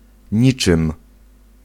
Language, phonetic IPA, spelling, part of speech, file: Polish, [ˈɲit͡ʃɨ̃m], niczym, conjunction / preposition / pronoun, Pl-niczym.ogg